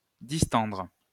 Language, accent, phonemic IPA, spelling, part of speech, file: French, France, /dis.tɑ̃dʁ/, distendre, verb, LL-Q150 (fra)-distendre.wav
- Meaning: to distend